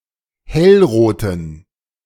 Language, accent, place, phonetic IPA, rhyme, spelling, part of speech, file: German, Germany, Berlin, [ˈhɛlˌʁoːtn̩], -ɛlʁoːtn̩, hellroten, adjective, De-hellroten.ogg
- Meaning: inflection of hellrot: 1. strong genitive masculine/neuter singular 2. weak/mixed genitive/dative all-gender singular 3. strong/weak/mixed accusative masculine singular 4. strong dative plural